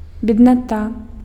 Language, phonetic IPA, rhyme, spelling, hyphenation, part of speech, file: Belarusian, [bʲednaˈta], -a, бедната, бед‧на‧та, noun, Be-бедната.ogg
- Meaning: 1. poor people 2. poverty (absence or insufficiency of the necessary means of subsistence)